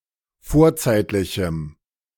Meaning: strong dative masculine/neuter singular of vorzeitlich
- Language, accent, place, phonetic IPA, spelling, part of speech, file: German, Germany, Berlin, [ˈfoːɐ̯ˌt͡saɪ̯tlɪçm̩], vorzeitlichem, adjective, De-vorzeitlichem.ogg